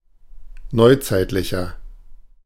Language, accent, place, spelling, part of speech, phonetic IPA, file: German, Germany, Berlin, neuzeitlicher, adjective, [ˈnɔɪ̯ˌt͡saɪ̯tlɪçɐ], De-neuzeitlicher.ogg
- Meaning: 1. comparative degree of neuzeitlich 2. inflection of neuzeitlich: strong/mixed nominative masculine singular 3. inflection of neuzeitlich: strong genitive/dative feminine singular